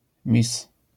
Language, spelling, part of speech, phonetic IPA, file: Polish, miss, noun, [mʲis], LL-Q809 (pol)-miss.wav